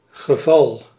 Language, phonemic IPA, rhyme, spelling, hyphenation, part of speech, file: Dutch, /ɣəˈvɑl/, -ɑl, geval, ge‧val, noun, Nl-geval.ogg
- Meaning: 1. case, situation, instance 2. thing